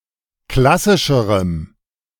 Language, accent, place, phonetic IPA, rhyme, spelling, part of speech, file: German, Germany, Berlin, [ˈklasɪʃəʁəm], -asɪʃəʁəm, klassischerem, adjective, De-klassischerem.ogg
- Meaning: strong dative masculine/neuter singular comparative degree of klassisch